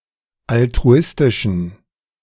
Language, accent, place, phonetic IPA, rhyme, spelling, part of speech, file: German, Germany, Berlin, [altʁuˈɪstɪʃn̩], -ɪstɪʃn̩, altruistischen, adjective, De-altruistischen.ogg
- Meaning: inflection of altruistisch: 1. strong genitive masculine/neuter singular 2. weak/mixed genitive/dative all-gender singular 3. strong/weak/mixed accusative masculine singular 4. strong dative plural